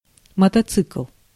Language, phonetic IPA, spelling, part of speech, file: Russian, [mətɐˈt͡sɨkɫ], мотоцикл, noun, Ru-мотоцикл.ogg
- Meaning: motorcycle, motorbike, bike